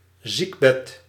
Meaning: 1. sickbed 2. a spell of sickness
- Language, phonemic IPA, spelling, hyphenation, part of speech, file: Dutch, /ˈzik.bɛt/, ziekbed, ziek‧bed, noun, Nl-ziekbed.ogg